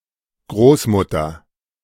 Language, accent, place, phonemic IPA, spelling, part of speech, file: German, Germany, Berlin, /ˈɡʁoːsˌmʊtɐ/, Großmutter, noun, De-Großmutter.ogg
- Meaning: 1. grandmother 2. old woman, elderly woman, old lady